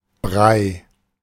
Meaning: 1. mash; mush; porridge; any semisolid food 2. milk pudding with chewable pieces in it, such as rice pudding, semolina pudding, etc
- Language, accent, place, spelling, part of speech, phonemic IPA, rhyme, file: German, Germany, Berlin, Brei, noun, /bʁaɪ̯/, -aɪ̯, De-Brei.ogg